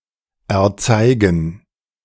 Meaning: to show
- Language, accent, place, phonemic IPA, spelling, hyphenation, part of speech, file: German, Germany, Berlin, /ɛɐ̯ˈt͡saɪ̯ɡn̩/, erzeigen, er‧zei‧gen, verb, De-erzeigen.ogg